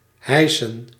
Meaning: to pull up, hoist
- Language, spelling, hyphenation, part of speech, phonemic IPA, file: Dutch, hijsen, hij‧sen, verb, /ˈɦɛi̯.sə(n)/, Nl-hijsen.ogg